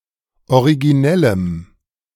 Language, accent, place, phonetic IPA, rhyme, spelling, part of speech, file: German, Germany, Berlin, [oʁiɡiˈnɛləm], -ɛləm, originellem, adjective, De-originellem.ogg
- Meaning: strong dative masculine/neuter singular of originell